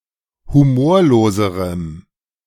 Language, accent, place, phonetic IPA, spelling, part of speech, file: German, Germany, Berlin, [huˈmoːɐ̯loːzəʁəm], humorloserem, adjective, De-humorloserem.ogg
- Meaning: strong dative masculine/neuter singular comparative degree of humorlos